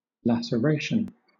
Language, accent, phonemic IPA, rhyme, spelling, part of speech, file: English, Southern England, /læsəˈɹeɪʃən/, -eɪʃən, laceration, noun, LL-Q1860 (eng)-laceration.wav
- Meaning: 1. An irregular open wound to soft tissue 2. The act of lacerating or tearing, either literally or figuratively